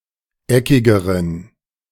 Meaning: inflection of eckig: 1. strong genitive masculine/neuter singular comparative degree 2. weak/mixed genitive/dative all-gender singular comparative degree
- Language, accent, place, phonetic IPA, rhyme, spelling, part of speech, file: German, Germany, Berlin, [ˈɛkɪɡəʁən], -ɛkɪɡəʁən, eckigeren, adjective, De-eckigeren.ogg